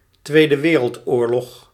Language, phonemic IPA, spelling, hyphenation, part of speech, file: Dutch, /ˌtʋeː.də ˈʋeː.rəlt.oːr.lɔx/, Tweede Wereldoorlog, Twee‧de Wereld‧oor‧log, proper noun, Nl-Tweede Wereldoorlog.ogg
- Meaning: World War II, the Second World War